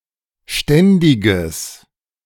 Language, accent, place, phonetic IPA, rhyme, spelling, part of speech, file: German, Germany, Berlin, [ˈʃtɛndɪɡəs], -ɛndɪɡəs, ständiges, adjective, De-ständiges.ogg
- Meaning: strong/mixed nominative/accusative neuter singular of ständig